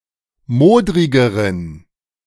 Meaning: inflection of modrig: 1. strong genitive masculine/neuter singular comparative degree 2. weak/mixed genitive/dative all-gender singular comparative degree
- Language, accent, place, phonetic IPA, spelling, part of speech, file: German, Germany, Berlin, [ˈmoːdʁɪɡəʁən], modrigeren, adjective, De-modrigeren.ogg